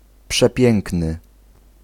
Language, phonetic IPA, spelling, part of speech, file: Polish, [pʃɛˈpʲjɛ̃ŋknɨ], przepiękny, adjective, Pl-przepiękny.ogg